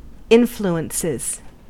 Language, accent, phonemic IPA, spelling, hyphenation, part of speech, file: English, US, /ˈɪn.flu.ən.sɪz/, influences, in‧flu‧ences, noun / verb, En-us-influences.ogg
- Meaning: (noun) plural of influence; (verb) third-person singular simple present indicative of influence